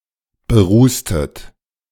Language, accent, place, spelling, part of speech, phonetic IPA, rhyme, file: German, Germany, Berlin, berußtet, verb, [bəˈʁuːstət], -uːstət, De-berußtet.ogg
- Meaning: inflection of berußen: 1. second-person plural preterite 2. second-person plural subjunctive II